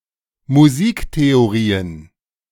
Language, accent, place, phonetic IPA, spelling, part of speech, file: German, Germany, Berlin, [muˈziːkteoˌʁiːən], Musiktheorien, noun, De-Musiktheorien.ogg
- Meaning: plural of Musiktheorie